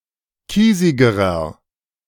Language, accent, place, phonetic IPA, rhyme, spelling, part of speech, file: German, Germany, Berlin, [ˈkiːzɪɡəʁɐ], -iːzɪɡəʁɐ, kiesigerer, adjective, De-kiesigerer.ogg
- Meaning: inflection of kiesig: 1. strong/mixed nominative masculine singular comparative degree 2. strong genitive/dative feminine singular comparative degree 3. strong genitive plural comparative degree